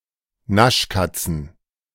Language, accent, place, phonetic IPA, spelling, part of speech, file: German, Germany, Berlin, [ˈnaʃˌkat͡sn̩], Naschkatzen, noun, De-Naschkatzen.ogg
- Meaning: plural of Naschkatze